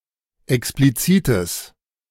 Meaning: strong/mixed nominative/accusative neuter singular of explizit
- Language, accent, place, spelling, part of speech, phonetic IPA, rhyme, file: German, Germany, Berlin, explizites, adjective, [ɛkspliˈt͡siːtəs], -iːtəs, De-explizites.ogg